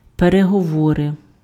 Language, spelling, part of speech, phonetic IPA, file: Ukrainian, переговори, noun, [pereɦɔˈwɔre], Uk-переговори.ogg
- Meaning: talks, negotiations